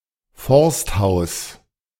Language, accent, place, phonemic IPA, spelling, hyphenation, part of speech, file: German, Germany, Berlin, /ˈfɔʁstˌhaʊ̯s/, Forsthaus, Forst‧haus, noun, De-Forsthaus.ogg
- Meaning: forester's lodge, house